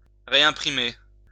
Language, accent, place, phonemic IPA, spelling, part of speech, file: French, France, Lyon, /ʁe.ɛ̃.pʁi.me/, réimprimer, verb, LL-Q150 (fra)-réimprimer.wav
- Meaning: to reprint